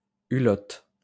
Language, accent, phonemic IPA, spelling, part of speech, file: French, France, /y.lɔt/, hulotte, noun, LL-Q150 (fra)-hulotte.wav
- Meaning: 1. tawny owl (Strix aluco) 2. lesser yellow underwing (Noctua comes)